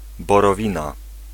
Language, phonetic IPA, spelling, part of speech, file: Polish, [ˌbɔrɔˈvʲĩna], borowina, noun, Pl-borowina.ogg